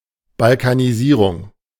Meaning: Balkanization
- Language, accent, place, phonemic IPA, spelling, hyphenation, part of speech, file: German, Germany, Berlin, /balkaniˈziːʁʊŋ/, Balkanisierung, Bal‧ka‧ni‧sie‧rung, noun, De-Balkanisierung.ogg